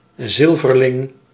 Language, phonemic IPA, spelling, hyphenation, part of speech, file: Dutch, /ˈzɪl.vərˌlɪŋ/, zilverling, zil‧ver‧ling, noun, Nl-zilverling.ogg
- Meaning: silver coin